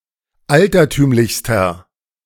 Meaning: inflection of altertümlich: 1. strong/mixed nominative masculine singular superlative degree 2. strong genitive/dative feminine singular superlative degree 3. strong genitive plural superlative degree
- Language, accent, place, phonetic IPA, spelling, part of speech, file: German, Germany, Berlin, [ˈaltɐˌtyːmlɪçstɐ], altertümlichster, adjective, De-altertümlichster.ogg